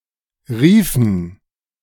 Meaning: inflection of rufen: 1. first/third-person plural preterite 2. first/third-person plural subjunctive II
- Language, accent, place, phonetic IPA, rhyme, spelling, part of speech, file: German, Germany, Berlin, [ˈʁiːfn̩], -iːfn̩, riefen, verb, De-riefen.ogg